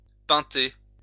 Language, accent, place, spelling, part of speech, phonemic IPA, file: French, France, Lyon, pinter, verb, /pɛ̃.te/, LL-Q150 (fra)-pinter.wav
- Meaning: to get drunk